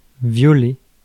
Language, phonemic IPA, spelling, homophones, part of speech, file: French, /vjɔ.le/, violer, violé / violés / violée / violées / violez / violai, verb, Fr-violer.ogg
- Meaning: 1. to violate 2. to rape, to have sex with an unwilling partner